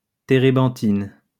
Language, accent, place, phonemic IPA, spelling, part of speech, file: French, France, Lyon, /te.ʁe.bɑ̃.tin/, térébenthine, noun, LL-Q150 (fra)-térébenthine.wav
- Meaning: turpentine